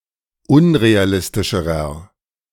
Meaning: inflection of unrealistisch: 1. strong/mixed nominative masculine singular comparative degree 2. strong genitive/dative feminine singular comparative degree
- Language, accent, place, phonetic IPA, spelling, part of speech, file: German, Germany, Berlin, [ˈʊnʁeaˌlɪstɪʃəʁɐ], unrealistischerer, adjective, De-unrealistischerer.ogg